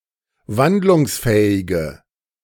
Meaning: inflection of wandlungsfähig: 1. strong/mixed nominative/accusative feminine singular 2. strong nominative/accusative plural 3. weak nominative all-gender singular
- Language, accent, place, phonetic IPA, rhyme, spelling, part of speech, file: German, Germany, Berlin, [ˈvandlʊŋsˌfɛːɪɡə], -andlʊŋsfɛːɪɡə, wandlungsfähige, adjective, De-wandlungsfähige.ogg